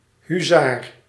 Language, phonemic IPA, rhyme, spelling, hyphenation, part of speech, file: Dutch, /ɦyˈzaːr/, -aːr, huzaar, hu‧zaar, noun, Nl-huzaar.ogg
- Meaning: a hussar, light cavalrist